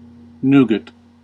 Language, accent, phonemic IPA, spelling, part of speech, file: English, US, /ˈnuɡət/, nougat, noun, En-us-nougat.ogg
- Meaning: A mixture consisting of egg white and a sweetener, variously mixed with (in western Europe) almonds or (in eastern Europe) hazelnuts or (in US) used without nuts as a filler in candy bars